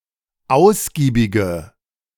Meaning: inflection of ausgiebig: 1. strong/mixed nominative/accusative feminine singular 2. strong nominative/accusative plural 3. weak nominative all-gender singular
- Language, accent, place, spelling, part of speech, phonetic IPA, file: German, Germany, Berlin, ausgiebige, adjective, [ˈaʊ̯sɡiːbɪɡə], De-ausgiebige.ogg